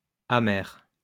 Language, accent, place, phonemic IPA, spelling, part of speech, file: French, France, Lyon, /a.mɛʁ/, amers, adjective, LL-Q150 (fra)-amers.wav
- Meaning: masculine plural of amer